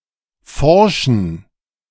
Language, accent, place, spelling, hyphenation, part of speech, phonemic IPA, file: German, Germany, Berlin, forschen, for‧schen, verb / adjective, /ˈfɔʁʃən/, De-forschen2.ogg
- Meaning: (verb) to research; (adjective) inflection of forsch: 1. strong genitive masculine/neuter singular 2. weak/mixed genitive/dative all-gender singular 3. strong/weak/mixed accusative masculine singular